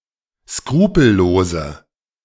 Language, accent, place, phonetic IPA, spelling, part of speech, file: German, Germany, Berlin, [ˈskʁuːpl̩ˌloːzə], skrupellose, adjective, De-skrupellose.ogg
- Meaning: inflection of skrupellos: 1. strong/mixed nominative/accusative feminine singular 2. strong nominative/accusative plural 3. weak nominative all-gender singular